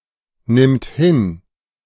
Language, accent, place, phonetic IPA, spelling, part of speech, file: German, Germany, Berlin, [ˌnɪmt ˈhɪn], nimmt hin, verb, De-nimmt hin.ogg
- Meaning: third-person singular present of hinnehmen